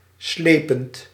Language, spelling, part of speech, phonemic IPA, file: Dutch, slepend, adjective / verb, /ˈslepənt/, Nl-slepend.ogg
- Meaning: present participle of slepen